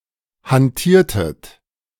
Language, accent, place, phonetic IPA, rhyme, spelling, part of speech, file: German, Germany, Berlin, [hanˈtiːɐ̯tət], -iːɐ̯tət, hantiertet, verb, De-hantiertet.ogg
- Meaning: inflection of hantieren: 1. second-person plural preterite 2. second-person plural subjunctive II